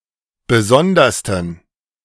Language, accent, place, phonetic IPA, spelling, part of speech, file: German, Germany, Berlin, [ˈbəˈzɔndɐstn̩], besondersten, adjective, De-besondersten.ogg
- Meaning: 1. superlative degree of besondere 2. inflection of besondere: strong genitive masculine/neuter singular superlative degree